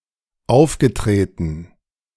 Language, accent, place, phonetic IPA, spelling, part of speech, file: German, Germany, Berlin, [ˈaʊ̯fɡəˌtʁeːtn̩], aufgetreten, verb, De-aufgetreten.ogg
- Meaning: past participle of auftreten